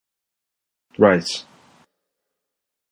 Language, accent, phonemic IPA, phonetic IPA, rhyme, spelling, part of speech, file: English, General American, /θɹaɪs/, [θɾ̪̊äɪs], -aɪs, thrice, adverb, En-us-thrice.flac
- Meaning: Three times